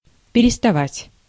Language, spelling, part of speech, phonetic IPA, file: Russian, переставать, verb, [pʲɪrʲɪstɐˈvatʲ], Ru-переставать.ogg
- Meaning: to stop, to cease, to quit